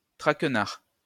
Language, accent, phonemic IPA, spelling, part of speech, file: French, France, /tʁak.naʁ/, traquenard, noun, LL-Q150 (fra)-traquenard.wav
- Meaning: 1. trap, pitfall 2. practical joke